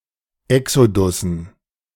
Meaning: dative plural of Exodus
- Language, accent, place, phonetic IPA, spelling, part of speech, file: German, Germany, Berlin, [ˈɛksodʊsn̩], Exodussen, noun, De-Exodussen.ogg